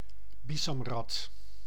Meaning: synonym of muskusrat (“muskrat (Ondatra zibethicus)”)
- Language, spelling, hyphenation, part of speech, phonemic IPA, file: Dutch, bisamrat, bi‧sam‧rat, noun, /ˈbi.zɑmˌrɑt/, Nl-bisamrat.ogg